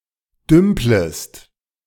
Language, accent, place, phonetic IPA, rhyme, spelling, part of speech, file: German, Germany, Berlin, [ˈdʏmpləst], -ʏmpləst, dümplest, verb, De-dümplest.ogg
- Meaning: second-person singular subjunctive I of dümpeln